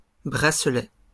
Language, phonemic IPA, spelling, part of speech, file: French, /bʁa.slɛ/, bracelet, noun, LL-Q150 (fra)-bracelet.wav
- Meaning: bracelet